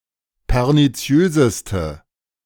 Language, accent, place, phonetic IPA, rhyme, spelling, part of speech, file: German, Germany, Berlin, [pɛʁniˈt͡si̯øːzəstə], -øːzəstə, perniziöseste, adjective, De-perniziöseste.ogg
- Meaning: inflection of perniziös: 1. strong/mixed nominative/accusative feminine singular superlative degree 2. strong nominative/accusative plural superlative degree